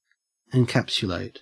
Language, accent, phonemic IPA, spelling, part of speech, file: English, Australia, /ɪnˈkæps(j)ʊˌleɪt/, encapsulate, verb, En-au-encapsulate.ogg
- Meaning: 1. To enclose something in, or as if in, a capsule 2. To epitomize something by expressing it as a brief summary